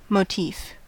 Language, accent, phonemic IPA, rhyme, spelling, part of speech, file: English, US, /moʊˈtiːf/, -iːf, motif, noun, En-us-motif.ogg
- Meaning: 1. A recurring or dominant element; an artistic theme 2. A short melodic or lyrical passage that is repeated in several parts of a work 3. A decorative figure that is repeated in a design or pattern